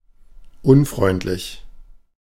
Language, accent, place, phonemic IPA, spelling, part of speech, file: German, Germany, Berlin, /ˈʔʊnˌfʁɔɪ̯ntlɪç/, unfreundlich, adjective, De-unfreundlich.ogg
- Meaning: unfriendly